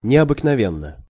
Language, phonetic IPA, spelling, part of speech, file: Russian, [nʲɪəbɨknɐˈvʲenːə], необыкновенно, adverb / adjective, Ru-необыкновенно.ogg
- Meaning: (adverb) unusually, uncommonly; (adjective) short neuter singular of необыкнове́нный (neobyknovénnyj)